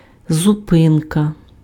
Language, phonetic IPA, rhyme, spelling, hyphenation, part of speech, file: Ukrainian, [zʊˈpɪnkɐ], -ɪnkɐ, зупинка, зу‧пин‧ка, noun, Uk-зупинка.ogg
- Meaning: 1. stop, station 2. stop (various senses)